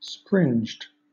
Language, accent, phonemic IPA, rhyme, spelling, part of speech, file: English, Southern England, /spɹɪnd͡ʒd/, -ɪnd͡ʒd, springed, verb, LL-Q1860 (eng)-springed.wav
- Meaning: simple past and past participle of springe